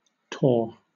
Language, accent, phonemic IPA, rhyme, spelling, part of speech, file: English, Southern England, /tɔː(ɹ)/, -ɔː(ɹ), tore, adjective / verb / noun, LL-Q1860 (eng)-tore.wav
- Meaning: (adjective) 1. Hard, difficult; wearisome, tedious 2. Strong, sturdy; great, massive 3. Full; rich; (verb) 1. simple past of tear (“rip, rend, speed”) 2. past participle of tear (“rip, rend, speed”)